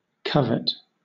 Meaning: 1. To wish for with eagerness; to desire possession of, often enviously 2. To long for inordinately or unlawfully; to hanker after (something forbidden)
- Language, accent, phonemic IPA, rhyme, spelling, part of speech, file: English, Southern England, /ˈkʌvɪt/, -ʌvɪt, covet, verb, LL-Q1860 (eng)-covet.wav